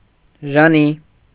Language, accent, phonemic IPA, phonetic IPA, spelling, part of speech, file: Armenian, Eastern Armenian, /ʒɑˈni/, [ʒɑní], ժանի, noun, Hy-ժանի.ogg
- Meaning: archaic form of ժանիք (žanikʻ)